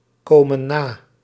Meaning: inflection of nakomen: 1. plural present indicative 2. plural present subjunctive
- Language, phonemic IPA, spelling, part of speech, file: Dutch, /ˈkomə(n) ˈna/, komen na, verb, Nl-komen na.ogg